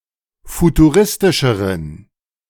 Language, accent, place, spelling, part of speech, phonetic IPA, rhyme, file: German, Germany, Berlin, futuristischeren, adjective, [futuˈʁɪstɪʃəʁən], -ɪstɪʃəʁən, De-futuristischeren.ogg
- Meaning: inflection of futuristisch: 1. strong genitive masculine/neuter singular comparative degree 2. weak/mixed genitive/dative all-gender singular comparative degree